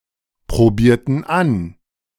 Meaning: inflection of anprobieren: 1. first/third-person plural preterite 2. first/third-person plural subjunctive II
- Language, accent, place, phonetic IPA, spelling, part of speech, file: German, Germany, Berlin, [pʁoˌbiːɐ̯tn̩ ˈan], probierten an, verb, De-probierten an.ogg